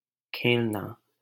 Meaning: to play (a game, a sport)
- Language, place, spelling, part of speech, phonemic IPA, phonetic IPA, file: Hindi, Delhi, खेलना, verb, /kʰeːl.nɑː/, [kʰeːl.näː], LL-Q1568 (hin)-खेलना.wav